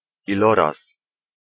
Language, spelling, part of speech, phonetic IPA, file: Polish, iloraz, noun, [iˈlɔras], Pl-iloraz.ogg